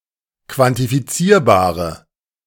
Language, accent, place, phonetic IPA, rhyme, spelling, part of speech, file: German, Germany, Berlin, [kvantifiˈt͡siːɐ̯baːʁə], -iːɐ̯baːʁə, quantifizierbare, adjective, De-quantifizierbare.ogg
- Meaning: inflection of quantifizierbar: 1. strong/mixed nominative/accusative feminine singular 2. strong nominative/accusative plural 3. weak nominative all-gender singular